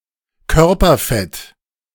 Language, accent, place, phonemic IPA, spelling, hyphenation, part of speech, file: German, Germany, Berlin, /ˈkœʁpɐˌfɛt/, Körperfett, Kör‧per‧fett, noun, De-Körperfett.ogg
- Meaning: bodyfat